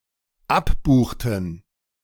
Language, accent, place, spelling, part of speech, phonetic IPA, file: German, Germany, Berlin, abbuchten, verb, [ˈapˌbuːxtn̩], De-abbuchten.ogg
- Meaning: inflection of abbuchen: 1. first/third-person plural dependent preterite 2. first/third-person plural dependent subjunctive II